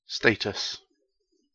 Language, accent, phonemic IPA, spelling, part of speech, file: English, UK, /ˈsteɪ.təs/, status, noun, En-gb-status.ogg
- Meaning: 1. A person’s condition, position or standing relative to that of others 2. Prestige or high standing 3. A situation or state of affairs 4. The legal condition of a person or thing